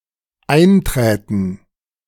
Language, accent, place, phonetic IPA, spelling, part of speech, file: German, Germany, Berlin, [ˈaɪ̯nˌtʁɛːtn̩], einträten, verb, De-einträten.ogg
- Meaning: first/third-person plural dependent subjunctive II of eintreten